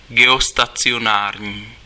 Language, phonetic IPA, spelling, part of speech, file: Czech, [ˈɡɛostat͡sɪjonaːrɲiː], geostacionární, adjective, Cs-geostacionární.ogg
- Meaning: geostationary